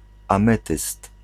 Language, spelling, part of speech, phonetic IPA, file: Polish, ametyst, noun, [ãˈmɛtɨst], Pl-ametyst.ogg